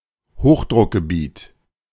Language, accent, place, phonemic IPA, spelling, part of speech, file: German, Germany, Berlin, /ˈhoːxdʁʊkɡəˌbiːt/, Hochdruckgebiet, noun, De-Hochdruckgebiet.ogg
- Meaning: high pressure area